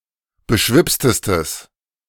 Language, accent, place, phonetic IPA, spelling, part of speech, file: German, Germany, Berlin, [bəˈʃvɪpstəstəs], beschwipstestes, adjective, De-beschwipstestes.ogg
- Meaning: strong/mixed nominative/accusative neuter singular superlative degree of beschwipst